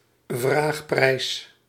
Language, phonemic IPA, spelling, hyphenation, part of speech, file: Dutch, /ˈvraːx.prɛi̯s/, vraagprijs, vraag‧prijs, noun, Nl-vraagprijs.ogg
- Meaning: asking price